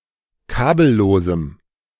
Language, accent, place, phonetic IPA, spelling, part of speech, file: German, Germany, Berlin, [ˈkaːbl̩ˌloːzm̩], kabellosem, adjective, De-kabellosem.ogg
- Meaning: strong dative masculine/neuter singular of kabellos